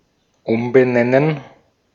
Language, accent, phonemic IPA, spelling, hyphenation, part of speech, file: German, Austria, /ˈʊmbəˌnɛnən/, umbenennen, um‧be‧nen‧nen, verb, De-at-umbenennen.ogg
- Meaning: to rename